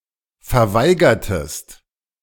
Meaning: inflection of verweigern: 1. second-person singular preterite 2. second-person singular subjunctive II
- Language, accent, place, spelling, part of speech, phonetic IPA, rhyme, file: German, Germany, Berlin, verweigertest, verb, [fɛɐ̯ˈvaɪ̯ɡɐtəst], -aɪ̯ɡɐtəst, De-verweigertest.ogg